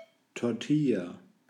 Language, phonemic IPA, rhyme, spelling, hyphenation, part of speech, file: German, /tɔrˈtɪlja/, -ɪlja, Tortilla, Tor‧til‧la, noun, De-Tortilla.ogg
- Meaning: tortilla